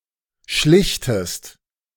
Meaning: inflection of schlichten: 1. second-person singular present 2. second-person singular subjunctive I
- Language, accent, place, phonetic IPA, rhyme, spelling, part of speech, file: German, Germany, Berlin, [ˈʃlɪçtəst], -ɪçtəst, schlichtest, verb, De-schlichtest.ogg